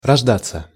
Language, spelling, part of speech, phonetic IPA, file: Russian, рождаться, verb, [rɐʐˈdat͡sːə], Ru-рождаться.ogg
- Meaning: 1. to be born (to come into existence through birth) 2. passive of рожда́ть (roždátʹ)